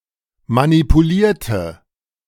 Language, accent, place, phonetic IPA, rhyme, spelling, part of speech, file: German, Germany, Berlin, [manipuˈliːɐ̯tə], -iːɐ̯tə, manipulierte, verb / adjective, De-manipulierte.ogg
- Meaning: inflection of manipulieren: 1. first/third-person singular preterite 2. first/third-person singular subjunctive II